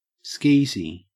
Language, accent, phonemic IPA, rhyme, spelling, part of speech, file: English, Australia, /ˈskiːzi/, -iːzi, skeezy, adjective, En-au-skeezy.ogg
- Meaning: 1. Despicable, tasteless 2. Sleazy